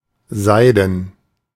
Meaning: 1. silk 2. shining like silk
- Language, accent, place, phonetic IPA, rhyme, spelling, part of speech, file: German, Germany, Berlin, [ˈzaɪ̯dn̩], -aɪ̯dn̩, seiden, adjective, De-seiden.ogg